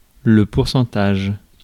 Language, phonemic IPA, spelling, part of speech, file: French, /puʁ.sɑ̃.taʒ/, pourcentage, noun, Fr-pourcentage.ogg
- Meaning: 1. percentage 2. commission, fee